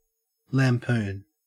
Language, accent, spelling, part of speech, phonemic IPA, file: English, Australia, lampoon, noun / verb, /læmˈpuːn/, En-au-lampoon.ogg
- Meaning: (noun) A written attack or other work ridiculing a person, group, or institution; especially, a satirical one; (verb) To satirize or poke fun at